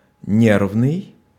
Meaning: 1. nerve; nervous 2. nervous, easily excitable or provoked 3. nerve-wracking, creating a lot of worry
- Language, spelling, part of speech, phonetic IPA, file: Russian, нервный, adjective, [ˈnʲervnɨj], Ru-нервный.ogg